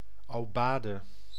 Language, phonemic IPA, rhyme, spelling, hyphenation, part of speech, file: Dutch, /ˌoːˈbaː.də/, -aːdə, aubade, au‧ba‧de, noun, Nl-aubade.ogg
- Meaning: 1. a song or musical performance to honour someone, performed in the morning 2. an aubade, a morning love song